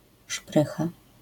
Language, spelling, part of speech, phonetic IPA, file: Polish, szprycha, noun, [ˈʃprɨxa], LL-Q809 (pol)-szprycha.wav